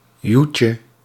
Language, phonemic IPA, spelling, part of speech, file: Dutch, /ˈjucə/, joetje, noun, Nl-joetje.ogg
- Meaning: diminutive of joet